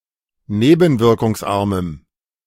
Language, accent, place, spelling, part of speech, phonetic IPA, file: German, Germany, Berlin, nebenwirkungsarmem, adjective, [ˈneːbn̩vɪʁkʊŋsˌʔaʁməm], De-nebenwirkungsarmem.ogg
- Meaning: strong dative masculine/neuter singular of nebenwirkungsarm